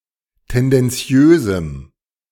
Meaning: strong dative masculine/neuter singular of tendenziös
- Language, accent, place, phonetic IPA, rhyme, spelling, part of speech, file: German, Germany, Berlin, [ˌtɛndɛnˈt͡si̯øːzm̩], -øːzm̩, tendenziösem, adjective, De-tendenziösem.ogg